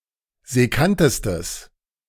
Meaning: strong/mixed nominative/accusative neuter singular superlative degree of sekkant
- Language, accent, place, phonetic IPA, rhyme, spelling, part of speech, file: German, Germany, Berlin, [zɛˈkantəstəs], -antəstəs, sekkantestes, adjective, De-sekkantestes.ogg